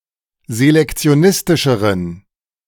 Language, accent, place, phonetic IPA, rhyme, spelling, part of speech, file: German, Germany, Berlin, [zelɛkt͡si̯oˈnɪstɪʃəʁən], -ɪstɪʃəʁən, selektionistischeren, adjective, De-selektionistischeren.ogg
- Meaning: inflection of selektionistisch: 1. strong genitive masculine/neuter singular comparative degree 2. weak/mixed genitive/dative all-gender singular comparative degree